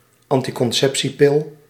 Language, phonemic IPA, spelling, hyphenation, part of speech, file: Dutch, /ɑn.ti.kɔnˈsɛp.siˌpɪl/, anticonceptiepil, an‧ti‧con‧cep‧tie‧pil, noun, Nl-anticonceptiepil.ogg
- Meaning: contraceptive pill